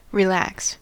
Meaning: 1. To make something loose 2. To make something loose.: To relieve from constipation; to loosen; to open 3. To become loose
- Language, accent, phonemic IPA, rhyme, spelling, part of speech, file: English, US, /ɹɪˈlæks/, -æks, relax, verb, En-us-relax.ogg